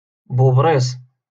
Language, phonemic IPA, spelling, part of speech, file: Moroccan Arabic, /buːb.riːsˤ/, بوبريص, noun, LL-Q56426 (ary)-بوبريص.wav
- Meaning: lizard